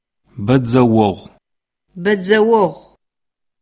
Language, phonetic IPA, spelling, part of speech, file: Adyghe, [bad͡zawaʁʷəmaːz], бэдзэогъумаз, noun, Ady-бэдзэогъумаз.oga